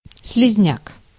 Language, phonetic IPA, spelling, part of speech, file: Russian, [s⁽ʲ⁾lʲɪzʲˈnʲak], слизняк, noun, Ru-слизняк.ogg
- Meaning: 1. slug 2. a slimeball 3. a weak-willed, worthless person